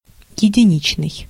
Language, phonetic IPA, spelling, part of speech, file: Russian, [(j)ɪdʲɪˈnʲit͡ɕnɨj], единичный, adjective, Ru-единичный.ogg
- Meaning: 1. single 2. solitary, isolated